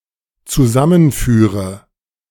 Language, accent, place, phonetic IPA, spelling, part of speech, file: German, Germany, Berlin, [t͡suˈzamənˌfyːʁə], zusammenführe, verb, De-zusammenführe.ogg
- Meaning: inflection of zusammenführen: 1. first-person singular dependent present 2. first/third-person singular dependent subjunctive I